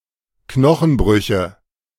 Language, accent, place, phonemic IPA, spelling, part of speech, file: German, Germany, Berlin, /ˈknɔxn̩ˌbʁʏçə/, Knochenbrüche, noun, De-Knochenbrüche.ogg
- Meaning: nominative/accusative/genitive plural of Knochenbruch